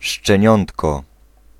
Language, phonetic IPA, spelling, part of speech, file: Polish, [ʃt͡ʃɛ̃ˈɲɔ̃ntkɔ], szczeniątko, noun, Pl-szczeniątko.ogg